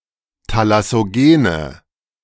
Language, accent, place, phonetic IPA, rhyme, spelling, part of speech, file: German, Germany, Berlin, [talasoˈɡeːnə], -eːnə, thalassogene, adjective, De-thalassogene.ogg
- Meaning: inflection of thalassogen: 1. strong/mixed nominative/accusative feminine singular 2. strong nominative/accusative plural 3. weak nominative all-gender singular